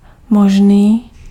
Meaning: 1. possible 2. conceivable
- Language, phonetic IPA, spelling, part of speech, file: Czech, [ˈmoʒniː], možný, adjective, Cs-možný.ogg